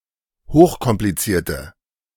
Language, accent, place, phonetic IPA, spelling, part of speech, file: German, Germany, Berlin, [ˈhoːxkɔmpliˌt͡siːɐ̯tə], hochkomplizierte, adjective, De-hochkomplizierte.ogg
- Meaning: inflection of hochkompliziert: 1. strong/mixed nominative/accusative feminine singular 2. strong nominative/accusative plural 3. weak nominative all-gender singular